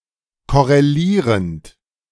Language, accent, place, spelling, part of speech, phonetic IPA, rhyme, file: German, Germany, Berlin, korrelierend, verb, [ˌkɔʁeˈliːʁənt], -iːʁənt, De-korrelierend.ogg
- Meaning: present participle of korrelieren